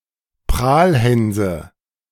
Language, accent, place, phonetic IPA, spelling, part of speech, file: German, Germany, Berlin, [ˈpʁaːlˌhɛnzə], Prahlhänse, noun, De-Prahlhänse.ogg
- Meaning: nominative/accusative/genitive plural of Prahlhans